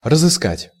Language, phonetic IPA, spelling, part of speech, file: Russian, [rəzɨˈskatʲ], разыскать, verb, Ru-разыскать.ogg
- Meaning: to find